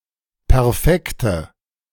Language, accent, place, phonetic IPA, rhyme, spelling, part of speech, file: German, Germany, Berlin, [pɛʁˈfɛktə], -ɛktə, perfekte, adjective, De-perfekte.ogg
- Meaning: inflection of perfekt: 1. strong/mixed nominative/accusative feminine singular 2. strong nominative/accusative plural 3. weak nominative all-gender singular 4. weak accusative feminine/neuter singular